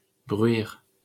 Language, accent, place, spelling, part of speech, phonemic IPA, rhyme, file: French, France, Paris, bruire, verb, /bʁɥiʁ/, -iʁ, LL-Q150 (fra)-bruire.wav
- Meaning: 1. to make a low noise 2. to rustle 3. to rattle 4. to roar